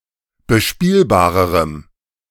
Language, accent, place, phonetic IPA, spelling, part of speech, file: German, Germany, Berlin, [bəˈʃpiːlbaːʁəʁəm], bespielbarerem, adjective, De-bespielbarerem.ogg
- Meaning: strong dative masculine/neuter singular comparative degree of bespielbar